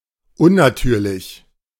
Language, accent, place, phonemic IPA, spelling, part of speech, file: German, Germany, Berlin, /ʊnaˈtʰyːʁlɪç/, unnatürlich, adjective, De-unnatürlich.ogg
- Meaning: unnatural